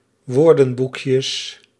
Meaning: plural of woordenboekje
- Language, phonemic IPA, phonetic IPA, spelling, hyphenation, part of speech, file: Dutch, /ˈʋoːrdə(n)ˌbukjəs/, [ˈʋʊːrdə(m)ˌbukjəs], woordenboekjes, woor‧den‧boek‧jes, noun, Nl-woordenboekjes.ogg